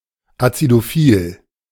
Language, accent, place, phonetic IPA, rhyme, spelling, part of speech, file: German, Germany, Berlin, [at͡sidoˈfiːl], -iːl, acidophil, adjective, De-acidophil.ogg
- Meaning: acidophilic